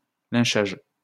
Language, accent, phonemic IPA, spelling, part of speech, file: French, France, /lɛ̃.ʃaʒ/, lynchage, noun, LL-Q150 (fra)-lynchage.wav
- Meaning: lynching